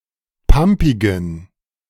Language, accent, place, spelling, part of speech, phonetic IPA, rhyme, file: German, Germany, Berlin, pampigen, adjective, [ˈpampɪɡn̩], -ampɪɡn̩, De-pampigen.ogg
- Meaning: inflection of pampig: 1. strong genitive masculine/neuter singular 2. weak/mixed genitive/dative all-gender singular 3. strong/weak/mixed accusative masculine singular 4. strong dative plural